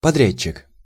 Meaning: contractor
- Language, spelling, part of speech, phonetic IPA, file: Russian, подрядчик, noun, [pɐˈdrʲæt͡ɕːɪk], Ru-подрядчик.ogg